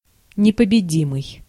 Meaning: invincible
- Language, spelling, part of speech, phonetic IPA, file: Russian, непобедимый, adjective, [nʲɪpəbʲɪˈdʲimɨj], Ru-непобедимый.ogg